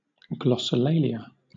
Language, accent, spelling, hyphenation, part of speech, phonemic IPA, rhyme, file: English, Southern England, glossolalia, glos‧so‧la‧lia, noun, /ˌɡlɒsəˈleɪliə/, -eɪliə, LL-Q1860 (eng)-glossolalia.wav